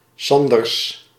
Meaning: a surname originating as a patronymic
- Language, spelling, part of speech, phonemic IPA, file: Dutch, Sanders, proper noun, /ˈsɑn.dərs/, Nl-Sanders.ogg